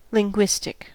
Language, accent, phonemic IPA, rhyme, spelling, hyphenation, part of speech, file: English, US, /lɪŋˈɡwɪstɪk/, -ɪstɪk, linguistic, lin‧guis‧tic, adjective, En-us-linguistic.ogg
- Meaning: 1. Of or relating to language 2. Of or relating to linguistics 3. Relating to a computer language